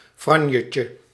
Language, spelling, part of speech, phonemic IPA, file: Dutch, franjetje, noun, /ˈfrɑɲəcə/, Nl-franjetje.ogg
- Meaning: diminutive of franje